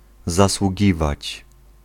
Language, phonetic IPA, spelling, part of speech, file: Polish, [ˌzaswuˈɟivat͡ɕ], zasługiwać, verb, Pl-zasługiwać.ogg